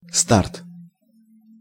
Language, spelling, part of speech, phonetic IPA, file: Russian, старт, noun, [start], Ru-старт.ogg
- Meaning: 1. start (beginning point of a distance race or a process) 2. launchpad